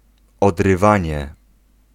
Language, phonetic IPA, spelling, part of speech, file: Polish, [ˌɔdrɨˈvãɲɛ], odrywanie, noun, Pl-odrywanie.ogg